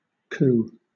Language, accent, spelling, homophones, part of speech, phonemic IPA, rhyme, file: English, Southern England, coup, coo, noun / verb, /kuː/, -uː, LL-Q1860 (eng)-coup.wav
- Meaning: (noun) 1. A quick, brilliant, and highly successful act 2. Of Native Americans, a blow against an enemy delivered in a way that demonstrates bravery 3. A coup d'état